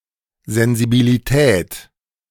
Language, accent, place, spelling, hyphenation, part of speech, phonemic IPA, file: German, Germany, Berlin, Sensibilität, Sen‧si‧bi‧li‧tät, noun, /ˌzɛnzibiliˈtɛːt/, De-Sensibilität.ogg
- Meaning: sensibility